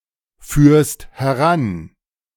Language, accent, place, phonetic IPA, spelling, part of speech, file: German, Germany, Berlin, [ˌfyːɐ̯st hɛˈʁan], führst heran, verb, De-führst heran.ogg
- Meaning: second-person singular present of heranführen